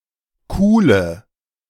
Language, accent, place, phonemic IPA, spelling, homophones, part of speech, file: German, Germany, Berlin, /ˈkuːlə/, Kuhle, coole, noun, De-Kuhle.ogg
- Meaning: 1. hollow (lowered area on a surface) 2. hollow, depression